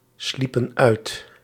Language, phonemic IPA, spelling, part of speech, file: Dutch, /ˈslipə(n) ˈœyt/, sliepen uit, verb, Nl-sliepen uit.ogg
- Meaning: inflection of uitslapen: 1. plural past indicative 2. plural past subjunctive